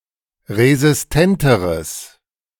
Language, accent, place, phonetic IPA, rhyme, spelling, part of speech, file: German, Germany, Berlin, [ʁezɪsˈtɛntəʁəs], -ɛntəʁəs, resistenteres, adjective, De-resistenteres.ogg
- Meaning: strong/mixed nominative/accusative neuter singular comparative degree of resistent